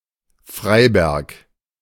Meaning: 1. a town, the administrative seat of Mittelsachsen district, Saxony, Germany 2. a town in Ludwigsburg district, Baden-Württemberg; official name: Freiberg am Neckar
- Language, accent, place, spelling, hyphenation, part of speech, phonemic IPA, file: German, Germany, Berlin, Freiberg, Frei‧berg, proper noun, /ˈfʁaɪ̯bɛʁk/, De-Freiberg.ogg